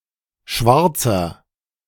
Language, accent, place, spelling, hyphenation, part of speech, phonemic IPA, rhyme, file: German, Germany, Berlin, Schwarzer, Schwar‧zer, noun, /ˈʃvaʁt͡sɐ/, -aʁt͡sɐ, De-Schwarzer.ogg
- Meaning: 1. a black object or being 2. a black person, a person of naturally dark skin 3. goth (person who is part of the goth subculture) 4. inflection of Schwarze: strong genitive/dative singular